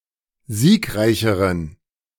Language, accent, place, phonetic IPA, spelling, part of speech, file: German, Germany, Berlin, [ˈziːkˌʁaɪ̯çəʁən], siegreicheren, adjective, De-siegreicheren.ogg
- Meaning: inflection of siegreich: 1. strong genitive masculine/neuter singular comparative degree 2. weak/mixed genitive/dative all-gender singular comparative degree